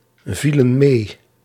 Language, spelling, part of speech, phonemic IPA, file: Dutch, vielen mee, verb, /ˈvilə(n) ˈme/, Nl-vielen mee.ogg
- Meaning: inflection of meevallen: 1. plural past indicative 2. plural past subjunctive